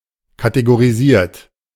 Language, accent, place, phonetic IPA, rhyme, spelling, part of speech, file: German, Germany, Berlin, [kateɡoʁiˈziːɐ̯t], -iːɐ̯t, kategorisiert, verb, De-kategorisiert.ogg
- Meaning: 1. past participle of kategorisieren 2. inflection of kategorisieren: third-person singular present 3. inflection of kategorisieren: second-person plural present